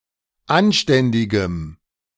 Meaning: strong dative masculine/neuter singular of anständig
- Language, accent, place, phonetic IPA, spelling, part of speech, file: German, Germany, Berlin, [ˈanˌʃtɛndɪɡəm], anständigem, adjective, De-anständigem.ogg